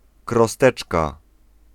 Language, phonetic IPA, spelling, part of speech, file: Polish, [krɔˈstɛt͡ʃka], krosteczka, noun, Pl-krosteczka.ogg